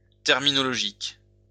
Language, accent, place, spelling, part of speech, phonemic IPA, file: French, France, Lyon, terminologique, adjective, /tɛʁ.mi.nɔ.lɔ.ʒik/, LL-Q150 (fra)-terminologique.wav
- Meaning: terminological